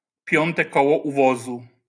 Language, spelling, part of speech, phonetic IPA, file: Polish, piąte koło u wozu, noun, [ˈpʲjɔ̃ntɛ ˈkɔwɔ u‿ˈvɔzu], LL-Q809 (pol)-piąte koło u wozu.wav